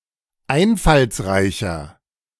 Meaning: 1. comparative degree of einfallsreich 2. inflection of einfallsreich: strong/mixed nominative masculine singular 3. inflection of einfallsreich: strong genitive/dative feminine singular
- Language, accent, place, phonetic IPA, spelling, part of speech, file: German, Germany, Berlin, [ˈaɪ̯nfalsˌʁaɪ̯çɐ], einfallsreicher, adjective, De-einfallsreicher.ogg